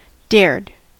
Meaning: simple past and past participle of dare
- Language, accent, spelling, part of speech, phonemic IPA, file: English, US, dared, verb, /dɛɹd/, En-us-dared.ogg